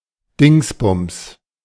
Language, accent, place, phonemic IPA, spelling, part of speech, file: German, Germany, Berlin, /ˈdɪŋsbʊms/, Dingsbums, noun, De-Dingsbums.ogg
- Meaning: 1. thingy, thingie, thingamajig, thingamabob (something whose name one cannot recall) 2. whosit, whatshisname (a person whose name one cannot recall)